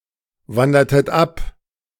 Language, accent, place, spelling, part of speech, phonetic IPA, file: German, Germany, Berlin, wandertet ab, verb, [ˌvandɐtət ˈap], De-wandertet ab.ogg
- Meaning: inflection of abwandern: 1. second-person plural preterite 2. second-person plural subjunctive II